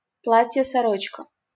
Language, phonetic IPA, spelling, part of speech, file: Russian, [sɐˈrot͡ɕkə], сорочка, noun, LL-Q7737 (rus)-сорочка.wav
- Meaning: 1. chemise, shift (historical undergarment), nightdress, nightgown 2. shirt